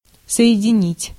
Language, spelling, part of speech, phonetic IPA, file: Russian, соединить, verb, [sə(j)ɪdʲɪˈnʲitʲ], Ru-соединить.ogg
- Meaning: 1. to unite, to join 2. to connect, to put through 3. to combine